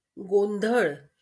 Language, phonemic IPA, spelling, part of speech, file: Marathi, /ɡon.d̪ʱəɭ̆/, गोंधळ, noun, LL-Q1571 (mar)-गोंधळ.wav
- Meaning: disorder, confusion, chaos